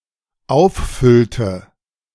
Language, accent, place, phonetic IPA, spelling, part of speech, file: German, Germany, Berlin, [ˈaʊ̯fˌfʏltə], auffüllte, verb, De-auffüllte.ogg
- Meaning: inflection of auffüllen: 1. first/third-person singular dependent preterite 2. first/third-person singular dependent subjunctive II